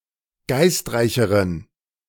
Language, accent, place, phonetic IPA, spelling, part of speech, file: German, Germany, Berlin, [ˈɡaɪ̯stˌʁaɪ̯çəʁən], geistreicheren, adjective, De-geistreicheren.ogg
- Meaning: inflection of geistreich: 1. strong genitive masculine/neuter singular comparative degree 2. weak/mixed genitive/dative all-gender singular comparative degree